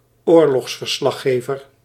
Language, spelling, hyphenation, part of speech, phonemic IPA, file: Dutch, oorlogsverslaggever, oor‧logs‧ver‧slag‧ge‧ver, noun, /ˈoːrlɔxsfərˌslɑxeːvər/, Nl-oorlogsverslaggever.ogg
- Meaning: war correspondent